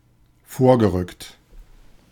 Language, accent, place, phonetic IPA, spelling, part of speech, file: German, Germany, Berlin, [ˈfoːɐ̯ɡəˌʁʏkt], vorgerückt, adjective / verb, De-vorgerückt.ogg
- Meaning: past participle of vorrücken